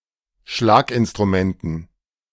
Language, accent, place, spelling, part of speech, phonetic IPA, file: German, Germany, Berlin, Schlaginstrumenten, noun, [ˈʃlaːkʔɪnstʁuˌmɛntn̩], De-Schlaginstrumenten.ogg
- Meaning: dative plural of Schlaginstrument